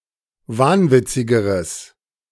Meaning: strong/mixed nominative/accusative neuter singular comparative degree of wahnwitzig
- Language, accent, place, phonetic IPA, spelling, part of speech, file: German, Germany, Berlin, [ˈvaːnˌvɪt͡sɪɡəʁəs], wahnwitzigeres, adjective, De-wahnwitzigeres.ogg